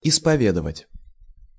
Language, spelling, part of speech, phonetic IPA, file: Russian, исповедовать, verb, [ɪspɐˈvʲedəvətʲ], Ru-исповедовать.ogg
- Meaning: 1. to confess, to hear the confession 2. to profess (faith, religion), to worship